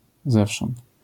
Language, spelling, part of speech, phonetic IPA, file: Polish, zewsząd, pronoun, [ˈzɛfʃɔ̃nt], LL-Q809 (pol)-zewsząd.wav